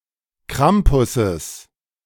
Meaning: genitive of Krampus
- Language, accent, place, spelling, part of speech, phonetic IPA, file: German, Germany, Berlin, Krampusses, noun, [ˈkʁampʊsəs], De-Krampusses.ogg